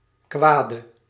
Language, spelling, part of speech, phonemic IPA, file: Dutch, kwade, adjective / noun, /ˈkwadə/, Nl-kwade.ogg
- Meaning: inflection of kwaad: 1. masculine/feminine singular attributive 2. definite neuter singular attributive 3. plural attributive